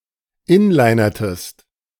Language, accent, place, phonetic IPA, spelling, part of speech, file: German, Germany, Berlin, [ˈɪnlaɪ̯nɐtəst], inlinertest, verb, De-inlinertest.ogg
- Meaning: inflection of inlinern: 1. second-person singular preterite 2. second-person singular subjunctive II